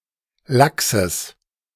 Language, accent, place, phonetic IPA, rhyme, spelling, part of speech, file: German, Germany, Berlin, [ˈlaksəs], -aksəs, Lachses, noun, De-Lachses.ogg
- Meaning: genitive singular of Lachs